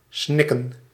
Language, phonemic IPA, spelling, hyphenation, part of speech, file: Dutch, /ˈsnɪ.kə(n)/, snikken, snik‧ken, verb / noun, Nl-snikken.ogg
- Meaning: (verb) to sob; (noun) plural of snik